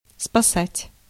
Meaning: 1. to save, to rescue 2. to salvage
- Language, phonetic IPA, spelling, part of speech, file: Russian, [spɐˈsatʲ], спасать, verb, Ru-спасать.ogg